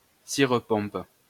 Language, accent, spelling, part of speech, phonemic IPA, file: French, France, cire-pompe, noun, /siʁ.pɔ̃p/, LL-Q150 (fra)-cire-pompe.wav
- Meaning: alternative spelling of cire-pompes